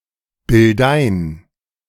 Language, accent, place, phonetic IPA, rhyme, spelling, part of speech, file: German, Germany, Berlin, [bɪlˈdaɪ̯n], -aɪ̯n, Bildein, proper noun, De-Bildein.ogg
- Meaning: a municipality of Burgenland, Austria